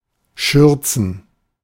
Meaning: plural of Schürze
- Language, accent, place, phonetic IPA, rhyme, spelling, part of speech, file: German, Germany, Berlin, [ˈʃʏʁt͡sn̩], -ʏʁt͡sn̩, Schürzen, noun, De-Schürzen.ogg